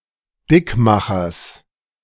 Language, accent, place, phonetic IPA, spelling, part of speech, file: German, Germany, Berlin, [ˈdɪkˌmaxɐs], Dickmachers, noun, De-Dickmachers.ogg
- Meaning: genitive singular of Dickmacher